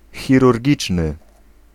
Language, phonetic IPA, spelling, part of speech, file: Polish, [ˌxʲirurʲˈɟit͡ʃnɨ], chirurgiczny, adjective, Pl-chirurgiczny.ogg